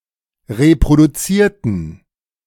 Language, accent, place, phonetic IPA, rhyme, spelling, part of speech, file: German, Germany, Berlin, [ʁepʁoduˈt͡siːɐ̯tn̩], -iːɐ̯tn̩, reproduzierten, adjective / verb, De-reproduzierten.ogg
- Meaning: inflection of reproduzieren: 1. first/third-person plural preterite 2. first/third-person plural subjunctive II